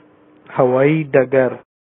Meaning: airport
- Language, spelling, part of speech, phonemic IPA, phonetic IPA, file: Pashto, هوايي ډګر, noun, /ha.wɑˈji ɖəˈɡər/, [hɐ.wɑ.jí ɖə.ɡə́ɾ], Ps-هوايي ډګر.oga